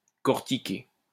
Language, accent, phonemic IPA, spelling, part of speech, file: French, France, /kɔʁ.ti.ke/, cortiqué, adjective, LL-Q150 (fra)-cortiqué.wav
- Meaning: 1. corticated 2. having a brain, smart, sensible